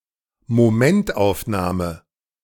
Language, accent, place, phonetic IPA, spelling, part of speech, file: German, Germany, Berlin, [moˈmɛntʔaʊ̯fˌnaːmə], Momentaufnahme, noun, De-Momentaufnahme.ogg
- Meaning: snapshot